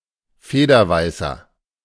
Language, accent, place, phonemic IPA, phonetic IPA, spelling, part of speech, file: German, Germany, Berlin, /ˈfeːdəʁˌvaɪ̯səʁ/, [ˈfeːdɐˌvaɪ̯sɐ], Federweißer, noun, De-Federweißer.ogg
- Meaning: Federweisser, must made from white grapes that has begun to ferment but that has not yet turned into wine